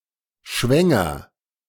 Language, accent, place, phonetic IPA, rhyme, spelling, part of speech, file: German, Germany, Berlin, [ˈʃvɛŋɐ], -ɛŋɐ, schwänger, verb, De-schwänger.ogg
- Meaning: inflection of schwängern: 1. first-person singular present 2. singular imperative